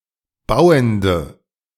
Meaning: strong dative masculine/neuter singular of bauend
- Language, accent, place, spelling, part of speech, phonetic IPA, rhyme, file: German, Germany, Berlin, bauendem, adjective, [ˈbaʊ̯əndəm], -aʊ̯əndəm, De-bauendem.ogg